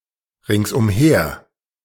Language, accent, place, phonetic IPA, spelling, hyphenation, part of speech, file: German, Germany, Berlin, [ʁɪŋsʔʊmˈheːɐ̯], ringsumher, rings‧um‧her, adverb, De-ringsumher.ogg
- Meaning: all around